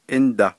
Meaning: 1. then, and then, only then, at that time, only when 2. and
- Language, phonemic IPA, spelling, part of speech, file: Navajo, /ʔɪ́ntɑ̀/, índa, conjunction, Nv-índa.ogg